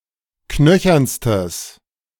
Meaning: strong/mixed nominative/accusative neuter singular superlative degree of knöchern
- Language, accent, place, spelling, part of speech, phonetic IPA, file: German, Germany, Berlin, knöchernstes, adjective, [ˈknœçɐnstəs], De-knöchernstes.ogg